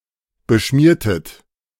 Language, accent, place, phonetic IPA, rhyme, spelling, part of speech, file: German, Germany, Berlin, [bəˈʃmiːɐ̯tət], -iːɐ̯tət, beschmiertet, verb, De-beschmiertet.ogg
- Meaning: inflection of beschmieren: 1. second-person plural preterite 2. second-person plural subjunctive II